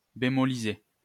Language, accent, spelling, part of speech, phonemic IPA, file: French, France, bémoliser, verb, /be.mɔ.li.ze/, LL-Q150 (fra)-bémoliser.wav
- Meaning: 1. to flatten 2. to soften